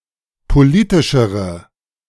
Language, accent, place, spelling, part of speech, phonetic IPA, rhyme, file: German, Germany, Berlin, politischere, adjective, [poˈliːtɪʃəʁə], -iːtɪʃəʁə, De-politischere.ogg
- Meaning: inflection of politisch: 1. strong/mixed nominative/accusative feminine singular comparative degree 2. strong nominative/accusative plural comparative degree